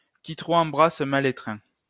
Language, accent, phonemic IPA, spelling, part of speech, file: French, France, /ki tʁo.p‿ɑ̃.bʁas ma.l‿e.tʁɛ̃/, qui trop embrasse mal étreint, proverb, LL-Q150 (fra)-qui trop embrasse mal étreint.wav
- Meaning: grasp all, lose all; don't spread yourself thin; don't become a jack of all trades, master of none